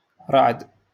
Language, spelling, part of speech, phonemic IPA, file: Moroccan Arabic, رعد, noun, /raʕd/, LL-Q56426 (ary)-رعد.wav
- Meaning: thunder